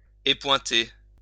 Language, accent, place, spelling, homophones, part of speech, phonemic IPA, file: French, France, Lyon, épointer, épointai / épointé / épointée / épointées / épointés / épointez, verb, /e.pwɛ̃.te/, LL-Q150 (fra)-épointer.wav
- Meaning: to blunt